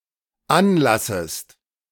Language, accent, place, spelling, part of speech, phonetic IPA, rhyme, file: German, Germany, Berlin, anlassest, verb, [ˈanˌlasəst], -anlasəst, De-anlassest.ogg
- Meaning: second-person singular dependent subjunctive I of anlassen